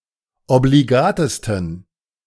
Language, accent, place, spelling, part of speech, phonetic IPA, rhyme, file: German, Germany, Berlin, obligatesten, adjective, [obliˈɡaːtəstn̩], -aːtəstn̩, De-obligatesten.ogg
- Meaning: 1. superlative degree of obligat 2. inflection of obligat: strong genitive masculine/neuter singular superlative degree